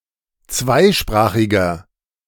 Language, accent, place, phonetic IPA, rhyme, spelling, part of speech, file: German, Germany, Berlin, [ˈt͡svaɪ̯ˌʃpʁaːxɪɡɐ], -aɪ̯ʃpʁaːxɪɡɐ, zweisprachiger, adjective, De-zweisprachiger.ogg
- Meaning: inflection of zweisprachig: 1. strong/mixed nominative masculine singular 2. strong genitive/dative feminine singular 3. strong genitive plural